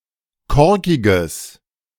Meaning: strong/mixed nominative/accusative neuter singular of korkig
- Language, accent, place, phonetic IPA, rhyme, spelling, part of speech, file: German, Germany, Berlin, [ˈkɔʁkɪɡəs], -ɔʁkɪɡəs, korkiges, adjective, De-korkiges.ogg